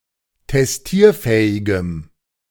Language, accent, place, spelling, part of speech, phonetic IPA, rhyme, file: German, Germany, Berlin, testierfähigem, adjective, [tɛsˈtiːɐ̯ˌfɛːɪɡəm], -iːɐ̯fɛːɪɡəm, De-testierfähigem.ogg
- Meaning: strong dative masculine/neuter singular of testierfähig